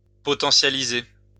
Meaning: 1. to potentiate 2. to potentialize
- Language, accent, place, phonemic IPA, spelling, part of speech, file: French, France, Lyon, /pɔ.tɑ̃.sja.li.ze/, potentialiser, verb, LL-Q150 (fra)-potentialiser.wav